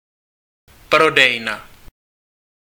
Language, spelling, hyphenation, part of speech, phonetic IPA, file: Czech, prodejna, pro‧dej‧na, noun, [ˈprodɛjna], Cs-prodejna.ogg
- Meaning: shop